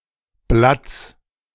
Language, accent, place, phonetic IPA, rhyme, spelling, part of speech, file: German, Germany, Berlin, [blat͡s], -at͡s, Blatts, noun, De-Blatts.ogg
- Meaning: genitive singular of Blatt